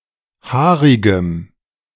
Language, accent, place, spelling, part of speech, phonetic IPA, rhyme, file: German, Germany, Berlin, haarigem, adjective, [ˈhaːʁɪɡəm], -aːʁɪɡəm, De-haarigem.ogg
- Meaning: strong dative masculine/neuter singular of haarig